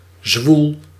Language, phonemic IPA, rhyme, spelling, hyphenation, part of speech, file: Dutch, /zʋul/, -ul, zwoel, zwoel, adjective, Nl-zwoel.ogg
- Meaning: 1. oppressive, muggy, sultry 2. sensual